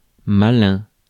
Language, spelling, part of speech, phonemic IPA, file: French, malin, adjective / noun, /ma.lɛ̃/, Fr-malin.ogg
- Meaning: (adjective) 1. nocive, pernicious 2. malignant 3. malicious, sadistic (which likes to do or say hurtful things for fun) 4. smart and quick-thinking, and often tricksterish; cunning, crafty